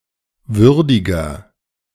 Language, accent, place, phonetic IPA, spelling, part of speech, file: German, Germany, Berlin, [ˈvʏʁdɪɡɐ], würdiger, adjective, De-würdiger.ogg
- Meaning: 1. comparative degree of würdig 2. inflection of würdig: strong/mixed nominative masculine singular 3. inflection of würdig: strong genitive/dative feminine singular